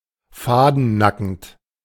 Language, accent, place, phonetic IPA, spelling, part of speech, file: German, Germany, Berlin, [ˈfaːdn̩ˌnakn̩t], fadennackend, adjective, De-fadennackend.ogg
- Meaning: completely naked (without a stitch of clothing)